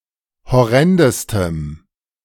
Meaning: strong dative masculine/neuter singular superlative degree of horrend
- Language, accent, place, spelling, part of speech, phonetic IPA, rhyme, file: German, Germany, Berlin, horrendestem, adjective, [hɔˈʁɛndəstəm], -ɛndəstəm, De-horrendestem.ogg